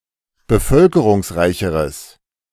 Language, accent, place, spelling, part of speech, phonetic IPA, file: German, Germany, Berlin, bevölkerungsreicheres, adjective, [bəˈfœlkəʁʊŋsˌʁaɪ̯çəʁəs], De-bevölkerungsreicheres.ogg
- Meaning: strong/mixed nominative/accusative neuter singular comparative degree of bevölkerungsreich